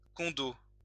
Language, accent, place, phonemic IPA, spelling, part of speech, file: French, France, Lyon, /kɔ̃.do/, condo, noun, LL-Q150 (fra)-condo.wav
- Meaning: condominium